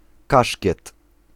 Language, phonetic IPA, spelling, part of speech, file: Polish, [ˈkaʃʲcɛt], kaszkiet, noun, Pl-kaszkiet.ogg